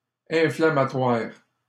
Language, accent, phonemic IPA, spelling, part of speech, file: French, Canada, /ɛ̃.fla.ma.twaʁ/, inflammatoire, adjective, LL-Q150 (fra)-inflammatoire.wav
- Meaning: inflammatory (causing inflammation)